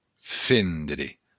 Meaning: to divide, split
- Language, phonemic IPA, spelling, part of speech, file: Occitan, /ˈfendɾe/, fendre, verb, LL-Q942602-fendre.wav